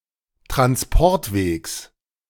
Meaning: genitive singular of Transportweg
- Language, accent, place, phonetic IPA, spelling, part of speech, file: German, Germany, Berlin, [tʁansˈpɔʁtˌveːks], Transportwegs, noun, De-Transportwegs.ogg